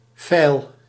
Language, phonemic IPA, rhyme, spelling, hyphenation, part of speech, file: Dutch, /fɛi̯l/, -ɛi̯l, feil, feil, noun, Nl-feil.ogg
- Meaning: 1. error 2. shortage, lack